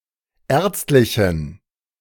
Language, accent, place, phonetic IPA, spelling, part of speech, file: German, Germany, Berlin, [ˈɛːɐ̯t͡stlɪçn̩], ärztlichen, adjective, De-ärztlichen.ogg
- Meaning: inflection of ärztlich: 1. strong genitive masculine/neuter singular 2. weak/mixed genitive/dative all-gender singular 3. strong/weak/mixed accusative masculine singular 4. strong dative plural